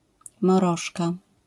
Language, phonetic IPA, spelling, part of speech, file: Polish, [mɔˈrɔʃka], moroszka, noun, LL-Q809 (pol)-moroszka.wav